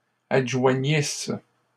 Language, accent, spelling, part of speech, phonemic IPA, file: French, Canada, adjoignisses, verb, /ad.ʒwa.ɲis/, LL-Q150 (fra)-adjoignisses.wav
- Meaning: second-person singular imperfect subjunctive of adjoindre